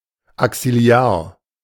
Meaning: axillary
- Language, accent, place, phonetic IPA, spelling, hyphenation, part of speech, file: German, Germany, Berlin, [aksɪˈlaːɐ̯], axillar, axil‧lar, adjective, De-axillar.ogg